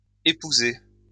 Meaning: feminine singular of épousé
- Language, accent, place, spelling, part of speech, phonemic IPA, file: French, France, Lyon, épousée, verb, /e.pu.ze/, LL-Q150 (fra)-épousée.wav